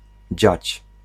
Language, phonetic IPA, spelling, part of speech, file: Polish, [d͡ʑät͡ɕ], dziać, verb, Pl-dziać.ogg